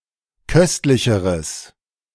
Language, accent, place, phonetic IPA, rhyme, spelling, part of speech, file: German, Germany, Berlin, [ˈkœstlɪçəʁəs], -œstlɪçəʁəs, köstlicheres, adjective, De-köstlicheres.ogg
- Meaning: strong/mixed nominative/accusative neuter singular comparative degree of köstlich